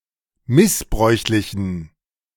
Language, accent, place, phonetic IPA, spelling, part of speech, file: German, Germany, Berlin, [ˈmɪsˌbʁɔɪ̯çlɪçn̩], missbräuchlichen, adjective, De-missbräuchlichen.ogg
- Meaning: inflection of missbräuchlich: 1. strong genitive masculine/neuter singular 2. weak/mixed genitive/dative all-gender singular 3. strong/weak/mixed accusative masculine singular 4. strong dative plural